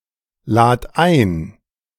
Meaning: singular imperative of einladen
- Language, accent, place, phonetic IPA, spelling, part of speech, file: German, Germany, Berlin, [ˌlaːt ˈaɪ̯n], lad ein, verb, De-lad ein.ogg